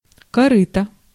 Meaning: 1. washing tub, trough 2. old boat, old ship, old tub, old car
- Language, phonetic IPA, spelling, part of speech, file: Russian, [kɐˈrɨtə], корыто, noun, Ru-корыто.ogg